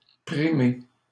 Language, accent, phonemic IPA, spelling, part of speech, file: French, Canada, /pʁi.me/, primer, verb, LL-Q150 (fra)-primer.wav
- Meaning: 1. to dominate, to be dominant over 2. to win (a prize) 3. to prevail, take precedent